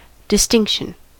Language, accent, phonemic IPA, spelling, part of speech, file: English, US, /dɪˈstɪŋkʃən/, distinction, noun, En-us-distinction.ogg
- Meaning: 1. That which distinguishes; a single occurrence of a determining factor or feature, the fact of being divided; separation, discrimination 2. The act of distinguishing, discriminating; discrimination